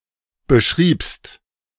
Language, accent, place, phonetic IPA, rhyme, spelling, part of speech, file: German, Germany, Berlin, [bəˈʃʁiːpst], -iːpst, beschriebst, verb, De-beschriebst.ogg
- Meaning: second-person singular preterite of beschreiben